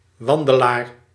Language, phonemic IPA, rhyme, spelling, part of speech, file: Dutch, /ˈʋɑn.də.laːr/, -ɑndəlaːr, wandelaar, noun, Nl-wandelaar.ogg
- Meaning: 1. hiker 2. walker, someone who walks